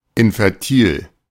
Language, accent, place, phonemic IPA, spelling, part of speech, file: German, Germany, Berlin, /ˌɪnfɛʁˈtiː/, infertil, adjective, De-infertil.ogg
- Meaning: 1. infertile 2. sterile